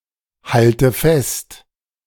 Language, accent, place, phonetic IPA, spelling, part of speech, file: German, Germany, Berlin, [ˌhaltə ˈfɛst], halte fest, verb, De-halte fest.ogg
- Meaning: inflection of festhalten: 1. first-person singular present 2. first/third-person singular subjunctive I 3. singular imperative